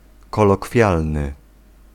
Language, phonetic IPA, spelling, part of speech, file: Polish, [ˌkɔlɔˈkfʲjalnɨ], kolokwialny, adjective, Pl-kolokwialny.ogg